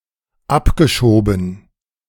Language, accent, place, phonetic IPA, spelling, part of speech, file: German, Germany, Berlin, [ˈapɡəˌʃoːbn̩], abgeschoben, verb, De-abgeschoben.ogg
- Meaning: past participle of abschieben